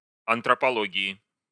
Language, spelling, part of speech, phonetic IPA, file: Russian, антропологии, noun, [ɐntrəpɐˈɫoɡʲɪɪ], Ru-антропологии.ogg
- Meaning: genitive/dative/prepositional singular of антрополо́гия (antropológija)